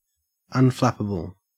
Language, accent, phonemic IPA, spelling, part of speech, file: English, Australia, /ʌnˈflæpəbəl/, unflappable, adjective, En-au-unflappable.ogg
- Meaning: Remaining composed and level-headed at all times; impossible to fluster; not becoming frustrated or irritated easily